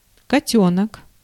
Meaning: kitten
- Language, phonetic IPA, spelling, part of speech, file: Russian, [kɐˈtʲɵnək], котёнок, noun, Ru-котёнок.ogg